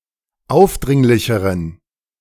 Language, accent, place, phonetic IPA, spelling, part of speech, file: German, Germany, Berlin, [ˈaʊ̯fˌdʁɪŋlɪçəʁən], aufdringlicheren, adjective, De-aufdringlicheren.ogg
- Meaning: inflection of aufdringlich: 1. strong genitive masculine/neuter singular comparative degree 2. weak/mixed genitive/dative all-gender singular comparative degree